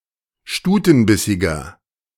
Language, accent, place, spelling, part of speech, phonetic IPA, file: German, Germany, Berlin, stutenbissiger, adjective, [ˈʃtuːtn̩ˌbɪsɪɡɐ], De-stutenbissiger.ogg
- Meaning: 1. comparative degree of stutenbissig 2. inflection of stutenbissig: strong/mixed nominative masculine singular 3. inflection of stutenbissig: strong genitive/dative feminine singular